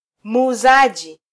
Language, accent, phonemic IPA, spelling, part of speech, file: Swahili, Kenya, /mʷuˈzɑ.ʄi/, mwuzaji, noun, Sw-ke-mwuzaji.flac
- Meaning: seller, vendor